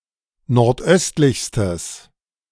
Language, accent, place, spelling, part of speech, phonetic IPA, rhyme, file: German, Germany, Berlin, nordöstlichstes, adjective, [nɔʁtˈʔœstlɪçstəs], -œstlɪçstəs, De-nordöstlichstes.ogg
- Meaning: strong/mixed nominative/accusative neuter singular superlative degree of nordöstlich